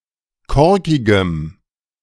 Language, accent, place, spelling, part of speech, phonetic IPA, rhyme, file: German, Germany, Berlin, korkigem, adjective, [ˈkɔʁkɪɡəm], -ɔʁkɪɡəm, De-korkigem.ogg
- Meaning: strong dative masculine/neuter singular of korkig